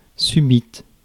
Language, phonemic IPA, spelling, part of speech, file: French, /sy.bit/, subite, adjective, Fr-subite.ogg
- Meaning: feminine singular of subit